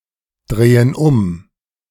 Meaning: inflection of umdrehen: 1. first/third-person plural present 2. first/third-person plural subjunctive I
- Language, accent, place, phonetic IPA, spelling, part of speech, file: German, Germany, Berlin, [ˌdʁeːən ˈʊm], drehen um, verb, De-drehen um.ogg